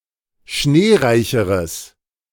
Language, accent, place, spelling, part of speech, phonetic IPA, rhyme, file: German, Germany, Berlin, schneereicheres, adjective, [ˈʃneːˌʁaɪ̯çəʁəs], -eːʁaɪ̯çəʁəs, De-schneereicheres.ogg
- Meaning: strong/mixed nominative/accusative neuter singular comparative degree of schneereich